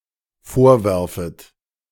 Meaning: second-person plural dependent subjunctive I of vorwerfen
- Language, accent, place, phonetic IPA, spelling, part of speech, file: German, Germany, Berlin, [ˈfoːɐ̯ˌvɛʁfət], vorwerfet, verb, De-vorwerfet.ogg